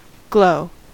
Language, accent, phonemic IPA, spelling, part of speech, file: English, General American, /ɡloʊ/, glow, verb / noun, En-us-glow.ogg
- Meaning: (verb) 1. To emit heat and light without a flame 2. Of a fire: to emit heat and light 3. To emit light brightly and steadily as if heated to a high temperature; to shine